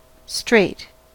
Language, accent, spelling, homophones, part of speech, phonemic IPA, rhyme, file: English, US, strait, straight, adjective / noun / verb / adverb, /stɹeɪt/, -eɪt, En-us-strait.ogg
- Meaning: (adjective) 1. Narrow; restricted as to space or room; close 2. Righteous, strict 3. Tight; close; tight-fitting 4. Close; intimate; near; familiar 5. Difficult; distressful